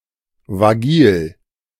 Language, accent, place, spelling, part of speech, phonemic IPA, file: German, Germany, Berlin, vagil, adjective, /vaˈɡiːl/, De-vagil.ogg
- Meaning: mobile, vagile